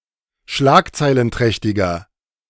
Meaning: 1. comparative degree of schlagzeilenträchtig 2. inflection of schlagzeilenträchtig: strong/mixed nominative masculine singular
- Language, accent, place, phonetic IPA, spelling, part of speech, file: German, Germany, Berlin, [ˈʃlaːkt͡saɪ̯lənˌtʁɛçtɪɡɐ], schlagzeilenträchtiger, adjective, De-schlagzeilenträchtiger.ogg